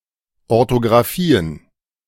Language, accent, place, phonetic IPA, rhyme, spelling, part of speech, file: German, Germany, Berlin, [ɔʁtoɡʁaˈfiːən], -iːən, Orthografien, noun, De-Orthografien.ogg
- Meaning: plural of Orthografie